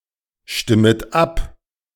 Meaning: second-person plural subjunctive I of abstimmen
- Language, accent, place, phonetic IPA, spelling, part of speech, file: German, Germany, Berlin, [ˌʃtɪmət ˈap], stimmet ab, verb, De-stimmet ab.ogg